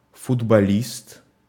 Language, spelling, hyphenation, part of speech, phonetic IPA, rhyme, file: Russian, футболист, фут‧бо‧лист, noun, [fʊdbɐˈlʲist], -ist, Ru-футболист.ogg
- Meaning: footballer (British); football player (Britain), soccer player (US, Canada, Australia)